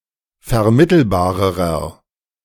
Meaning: inflection of vermittelbar: 1. strong/mixed nominative masculine singular comparative degree 2. strong genitive/dative feminine singular comparative degree 3. strong genitive plural comparative degree
- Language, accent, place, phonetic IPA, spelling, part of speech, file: German, Germany, Berlin, [fɛɐ̯ˈmɪtl̩baːʁəʁɐ], vermittelbarerer, adjective, De-vermittelbarerer.ogg